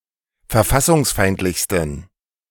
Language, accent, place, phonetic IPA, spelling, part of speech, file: German, Germany, Berlin, [fɛɐ̯ˈfasʊŋsˌfaɪ̯ntlɪçstn̩], verfassungsfeindlichsten, adjective, De-verfassungsfeindlichsten.ogg
- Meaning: 1. superlative degree of verfassungsfeindlich 2. inflection of verfassungsfeindlich: strong genitive masculine/neuter singular superlative degree